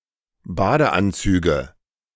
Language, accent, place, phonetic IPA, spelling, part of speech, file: German, Germany, Berlin, [ˈbaːdəˌʔant͡syːɡə], Badeanzüge, noun, De-Badeanzüge.ogg
- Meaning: nominative/accusative/genitive plural of Badeanzug